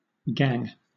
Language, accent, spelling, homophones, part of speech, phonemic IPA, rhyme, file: English, Southern England, gangue, gang, noun, /ɡæŋ/, -æŋ, LL-Q1860 (eng)-gangue.wav
- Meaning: The earthy waste substances occurring in metallic ore